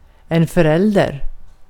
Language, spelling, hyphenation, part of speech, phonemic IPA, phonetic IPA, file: Swedish, förälder, för‧älder, noun, /fœr¹ɛldær/, [fœ̞ɾ¹ɛ̝l̪ːd̪ɛ̠ɾ], Sv-förälder.ogg
- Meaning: a parent